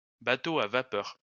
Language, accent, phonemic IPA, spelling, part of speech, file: French, France, /ba.to a va.pœʁ/, bateau à vapeur, noun, LL-Q150 (fra)-bateau à vapeur.wav
- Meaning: steamboat